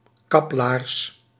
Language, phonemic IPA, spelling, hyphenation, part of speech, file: Dutch, /ˈkɑp.laːrs/, kaplaars, kap‧laars, noun, Nl-kaplaars.ogg
- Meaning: a knee-length boot, usually made of rubber